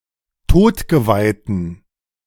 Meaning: inflection of todgeweiht: 1. strong genitive masculine/neuter singular 2. weak/mixed genitive/dative all-gender singular 3. strong/weak/mixed accusative masculine singular 4. strong dative plural
- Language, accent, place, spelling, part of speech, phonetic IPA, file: German, Germany, Berlin, todgeweihten, adjective, [ˈtoːtɡəvaɪ̯tn̩], De-todgeweihten.ogg